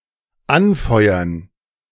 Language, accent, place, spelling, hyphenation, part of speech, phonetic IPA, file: German, Germany, Berlin, anfeuern, an‧feu‧ern, verb, [ˈanˌfɔɪ̯ɐn], De-anfeuern.ogg
- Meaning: 1. to cheer, root for 2. to light (i.e. an oven)